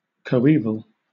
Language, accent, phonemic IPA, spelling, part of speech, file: English, Southern England, /kəʊˈiːvəl/, coeval, adjective / noun, LL-Q1860 (eng)-coeval.wav
- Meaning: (adjective) Of the same age or era; contemporary; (noun) 1. Something of the same era 2. Somebody of the same age